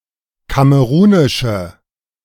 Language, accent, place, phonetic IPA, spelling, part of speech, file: German, Germany, Berlin, [ˈkaməʁuːnɪʃə], kamerunische, adjective, De-kamerunische.ogg
- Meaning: inflection of kamerunisch: 1. strong/mixed nominative/accusative feminine singular 2. strong nominative/accusative plural 3. weak nominative all-gender singular